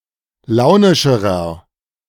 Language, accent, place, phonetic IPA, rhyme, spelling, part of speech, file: German, Germany, Berlin, [ˈlaʊ̯nɪʃəʁɐ], -aʊ̯nɪʃəʁɐ, launischerer, adjective, De-launischerer.ogg
- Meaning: inflection of launisch: 1. strong/mixed nominative masculine singular comparative degree 2. strong genitive/dative feminine singular comparative degree 3. strong genitive plural comparative degree